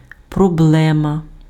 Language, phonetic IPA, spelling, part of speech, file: Ukrainian, [prɔˈbɫɛmɐ], проблема, noun, Uk-проблема.ogg
- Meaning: problem